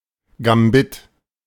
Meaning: gambit, a form of opening a chess game
- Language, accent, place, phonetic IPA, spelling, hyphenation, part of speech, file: German, Germany, Berlin, [ɡamˈbɪt], Gambit, Gam‧bit, noun, De-Gambit.ogg